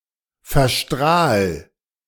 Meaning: 1. singular imperative of verstrahlen 2. first-person singular present of verstrahlen
- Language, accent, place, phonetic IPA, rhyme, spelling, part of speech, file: German, Germany, Berlin, [fɛɐ̯ˈʃtʁaːl], -aːl, verstrahl, verb, De-verstrahl.ogg